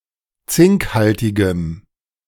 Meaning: strong dative masculine/neuter singular of zinkhaltig
- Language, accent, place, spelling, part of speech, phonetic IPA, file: German, Germany, Berlin, zinkhaltigem, adjective, [ˈt͡sɪŋkˌhaltɪɡəm], De-zinkhaltigem.ogg